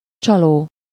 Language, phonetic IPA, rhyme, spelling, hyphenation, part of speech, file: Hungarian, [ˈt͡ʃɒloː], -loː, csaló, csa‧ló, verb / adjective / noun, Hu-csaló.ogg
- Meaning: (verb) present participle of csal; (adjective) 1. deceptive, illusory 2. deceitful, fraudulent